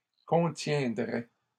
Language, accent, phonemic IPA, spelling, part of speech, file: French, Canada, /kɔ̃.tjɛ̃.dʁɛ/, contiendrait, verb, LL-Q150 (fra)-contiendrait.wav
- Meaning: third-person singular conditional of contenir